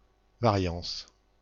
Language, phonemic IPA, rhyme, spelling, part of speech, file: French, /va.ʁjɑ̃s/, -ɑ̃s, variance, noun, FR-variance.ogg
- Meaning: variance